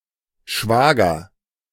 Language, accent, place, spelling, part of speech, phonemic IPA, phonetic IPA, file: German, Germany, Berlin, Schwager, noun, /ˈʃvaːɡər/, [ˈʃʋaː.ɡɐ], De-Schwager.ogg
- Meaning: 1. brother-in-law 2. in-law; a fairly distant relative by marriage